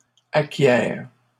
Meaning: second-person singular present subjunctive of acquérir
- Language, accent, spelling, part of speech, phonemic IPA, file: French, Canada, acquières, verb, /a.kjɛʁ/, LL-Q150 (fra)-acquières.wav